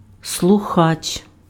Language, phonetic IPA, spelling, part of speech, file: Ukrainian, [sɫʊˈxat͡ʃ], слухач, noun, Uk-слухач.ogg
- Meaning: listener, hearer